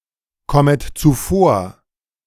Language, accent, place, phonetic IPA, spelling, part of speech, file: German, Germany, Berlin, [ˌkɔmət t͡suˈfoːɐ̯], kommet zuvor, verb, De-kommet zuvor.ogg
- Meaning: second-person plural subjunctive I of zuvorkommen